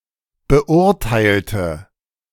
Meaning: inflection of beurteilen: 1. first/third-person singular preterite 2. first/third-person singular subjunctive II
- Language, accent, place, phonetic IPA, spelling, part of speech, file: German, Germany, Berlin, [bəˈʔʊʁtaɪ̯ltə], beurteilte, adjective / verb, De-beurteilte.ogg